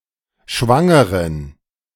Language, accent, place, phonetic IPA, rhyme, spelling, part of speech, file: German, Germany, Berlin, [ˈʃvaŋəʁən], -aŋəʁən, Schwangeren, noun, De-Schwangeren.ogg
- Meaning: inflection of Schwangere: 1. strong dative plural 2. weak/mixed genitive/dative singular 3. weak/mixed all-case plural